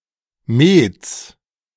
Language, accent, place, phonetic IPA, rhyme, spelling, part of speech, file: German, Germany, Berlin, [meːt͡s], -eːt͡s, Mets, noun, De-Mets.ogg
- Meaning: genitive singular of Met